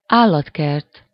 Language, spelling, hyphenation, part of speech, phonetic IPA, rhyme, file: Hungarian, állatkert, ál‧lat‧kert, noun, [ˈaːlːɒtkɛrt], -ɛrt, Hu-állatkert.ogg
- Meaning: zoo (a park where live animals are exhibited)